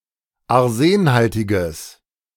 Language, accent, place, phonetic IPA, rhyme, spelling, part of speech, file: German, Germany, Berlin, [aʁˈzeːnˌhaltɪɡəs], -eːnhaltɪɡəs, arsenhaltiges, adjective, De-arsenhaltiges.ogg
- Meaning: strong/mixed nominative/accusative neuter singular of arsenhaltig